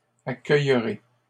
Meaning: first-person singular future of accueillir
- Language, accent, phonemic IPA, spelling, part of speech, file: French, Canada, /a.kœj.ʁe/, accueillerai, verb, LL-Q150 (fra)-accueillerai.wav